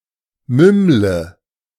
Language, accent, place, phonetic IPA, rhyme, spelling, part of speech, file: German, Germany, Berlin, [ˈmʏmlə], -ʏmlə, mümmle, verb, De-mümmle.ogg
- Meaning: inflection of mümmeln: 1. first-person singular present 2. first/third-person singular subjunctive I 3. singular imperative